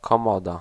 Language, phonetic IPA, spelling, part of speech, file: Polish, [kɔ̃ˈmɔda], komoda, noun, Pl-komoda.ogg